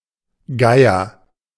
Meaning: a town in Erzgebirgskreis district, Saxony
- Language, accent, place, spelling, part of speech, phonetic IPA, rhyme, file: German, Germany, Berlin, Geyer, proper noun, [ˈɡaɪ̯ɐ], -aɪ̯ɐ, De-Geyer.ogg